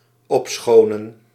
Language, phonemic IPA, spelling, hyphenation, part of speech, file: Dutch, /ˈɔpˌsxoː.nə(n)/, opschonen, op‧scho‧nen, verb, Nl-opschonen.ogg
- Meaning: to cleanse, to clean up